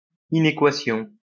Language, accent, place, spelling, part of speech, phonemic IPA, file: French, France, Lyon, inéquation, noun, /i.ne.kwa.sjɔ̃/, LL-Q150 (fra)-inéquation.wav
- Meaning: 1. inequality 2. inequation (a statement that two expressions are not the same)